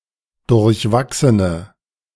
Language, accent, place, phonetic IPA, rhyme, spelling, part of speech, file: German, Germany, Berlin, [dʊʁçˈvaksənə], -aksənə, durchwachsene, adjective, De-durchwachsene.ogg
- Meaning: inflection of durchwachsen: 1. strong/mixed nominative/accusative feminine singular 2. strong nominative/accusative plural 3. weak nominative all-gender singular